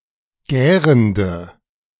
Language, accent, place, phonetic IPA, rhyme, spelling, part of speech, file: German, Germany, Berlin, [ˈɡɛːʁəndə], -ɛːʁəndə, gärende, adjective, De-gärende.ogg
- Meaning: inflection of gärend: 1. strong/mixed nominative/accusative feminine singular 2. strong nominative/accusative plural 3. weak nominative all-gender singular 4. weak accusative feminine/neuter singular